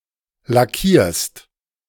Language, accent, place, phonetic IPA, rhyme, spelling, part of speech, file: German, Germany, Berlin, [laˈkiːɐ̯st], -iːɐ̯st, lackierst, verb, De-lackierst.ogg
- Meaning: second-person singular present of lackieren